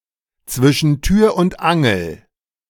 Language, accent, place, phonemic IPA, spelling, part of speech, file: German, Germany, Berlin, /t͡svɪʃn̩ tyːɐ̯ ʊnt ˈaŋl̩/, zwischen Tür und Angel, prepositional phrase, De-zwischen Tür und Angel.ogg
- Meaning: 1. while standing; while in a hurry; in passing; in a situation where one does not have or take the time to do something properly 2. accidentally